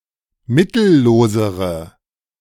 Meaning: inflection of mittellos: 1. strong/mixed nominative/accusative feminine singular comparative degree 2. strong nominative/accusative plural comparative degree
- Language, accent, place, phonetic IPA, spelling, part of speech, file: German, Germany, Berlin, [ˈmɪtl̩ˌloːzəʁə], mittellosere, adjective, De-mittellosere.ogg